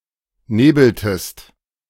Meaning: inflection of nebeln: 1. second-person singular preterite 2. second-person singular subjunctive II
- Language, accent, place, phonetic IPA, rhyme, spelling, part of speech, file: German, Germany, Berlin, [ˈneːbl̩təst], -eːbl̩təst, nebeltest, verb, De-nebeltest.ogg